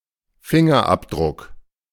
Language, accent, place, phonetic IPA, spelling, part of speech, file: German, Germany, Berlin, [ˈfɪŋɐˌʔapdʁʊk], Fingerabdruck, noun, De-Fingerabdruck.ogg
- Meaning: fingerprint